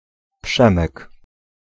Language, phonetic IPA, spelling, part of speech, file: Polish, [ˈpʃɛ̃mɛk], Przemek, noun, Pl-Przemek.ogg